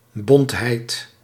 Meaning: quality of being multi-coloured
- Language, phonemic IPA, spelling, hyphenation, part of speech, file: Dutch, /ˈbɔnt.ɦɛi̯t/, bontheid, bont‧heid, noun, Nl-bontheid.ogg